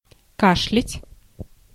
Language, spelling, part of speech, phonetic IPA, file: Russian, кашлять, verb, [ˈkaʂlʲɪtʲ], Ru-кашлять.ogg
- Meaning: to cough